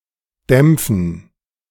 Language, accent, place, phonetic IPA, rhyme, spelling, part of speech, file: German, Germany, Berlin, [ˈdɛmp͡fn̩], -ɛmp͡fn̩, Dämpfen, noun, De-Dämpfen.ogg
- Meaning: dative plural of Dampf